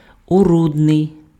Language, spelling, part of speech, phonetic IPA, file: Ukrainian, орудний, adjective, [oˈrudnei̯], Uk-орудний.ogg
- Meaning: instrumental